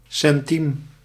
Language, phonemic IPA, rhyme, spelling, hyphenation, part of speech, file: Dutch, /sɛnˈtim/, -im, centiem, cen‧tiem, noun, Nl-centiem.ogg
- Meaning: 1. a centime, ¹⁄₁₀₀ of a frank (the currency franc), as a coin or theoretic value 2. a pittance, insignificant sum